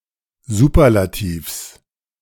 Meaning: genitive singular of Superlativ
- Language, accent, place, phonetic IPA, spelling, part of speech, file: German, Germany, Berlin, [ˈzuːpɐlatiːfs], Superlativs, noun, De-Superlativs.ogg